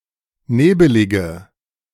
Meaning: inflection of nebelig: 1. strong/mixed nominative/accusative feminine singular 2. strong nominative/accusative plural 3. weak nominative all-gender singular 4. weak accusative feminine/neuter singular
- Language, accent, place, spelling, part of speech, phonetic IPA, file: German, Germany, Berlin, nebelige, adjective, [ˈneːbəlɪɡə], De-nebelige.ogg